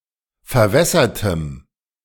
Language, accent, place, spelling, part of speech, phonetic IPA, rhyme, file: German, Germany, Berlin, verwässertem, adjective, [fɛɐ̯ˈvɛsɐtəm], -ɛsɐtəm, De-verwässertem.ogg
- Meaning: strong dative masculine/neuter singular of verwässert